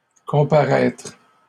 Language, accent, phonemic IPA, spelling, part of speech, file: French, Canada, /kɔ̃.pa.ʁɛtʁ/, comparaître, verb, LL-Q150 (fra)-comparaître.wav
- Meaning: to appear before a judge or government official